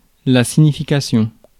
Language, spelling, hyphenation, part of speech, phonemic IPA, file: French, signification, sig‧ni‧fi‧ca‧tion, noun, /si.ɲi.fi.ka.sjɔ̃/, Fr-signification.ogg
- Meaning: 1. signification 2. meaning 3. definition